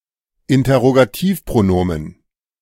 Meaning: interrogative pronoun
- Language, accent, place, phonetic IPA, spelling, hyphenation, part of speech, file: German, Germany, Berlin, [ɪntɐʁoɡaˈtiːfpʁoˌnoːmən], Interrogativpronomen, In‧ter‧ro‧ga‧tiv‧pro‧no‧men, noun, De-Interrogativpronomen.ogg